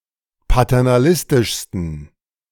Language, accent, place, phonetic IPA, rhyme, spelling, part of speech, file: German, Germany, Berlin, [patɛʁnaˈlɪstɪʃstn̩], -ɪstɪʃstn̩, paternalistischsten, adjective, De-paternalistischsten.ogg
- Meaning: 1. superlative degree of paternalistisch 2. inflection of paternalistisch: strong genitive masculine/neuter singular superlative degree